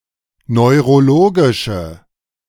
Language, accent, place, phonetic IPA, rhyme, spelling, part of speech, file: German, Germany, Berlin, [nɔɪ̯ʁoˈloːɡɪʃə], -oːɡɪʃə, neurologische, adjective, De-neurologische.ogg
- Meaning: inflection of neurologisch: 1. strong/mixed nominative/accusative feminine singular 2. strong nominative/accusative plural 3. weak nominative all-gender singular